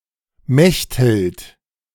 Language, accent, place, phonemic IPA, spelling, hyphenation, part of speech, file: German, Germany, Berlin, /ˈmɛçthɪlt/, Mechthild, Mecht‧hild, proper noun, De-Mechthild.ogg
- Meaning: a female given name of medieval usage, variant of Mathilde, equivalent to English Matilda